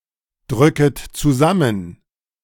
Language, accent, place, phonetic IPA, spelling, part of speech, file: German, Germany, Berlin, [ˌdʁʏkət t͡suˈzamən], drücket zusammen, verb, De-drücket zusammen.ogg
- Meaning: second-person plural subjunctive I of zusammendrücken